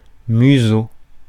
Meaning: 1. snout, muzzle (long, projecting nose, mouth and jaw of a beast) 2. face
- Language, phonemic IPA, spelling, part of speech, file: French, /my.zo/, museau, noun, Fr-museau.ogg